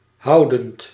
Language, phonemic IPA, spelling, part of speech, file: Dutch, /ˈɦɑʊdənt/, houdend, verb, Nl-houdend.ogg
- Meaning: present participle of houden